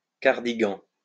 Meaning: cardigan
- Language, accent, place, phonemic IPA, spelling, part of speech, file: French, France, Lyon, /kaʁ.di.ɡɑ̃/, cardigan, noun, LL-Q150 (fra)-cardigan.wav